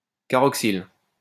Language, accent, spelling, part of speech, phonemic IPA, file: French, France, caroxyle, noun, /ka.ʁɔk.sil/, LL-Q150 (fra)-caroxyle.wav
- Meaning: 1. obsolete form of carboxyle (“carboxyl”) 2. ganna bush, kanna bush (Caroxylon aphyllum)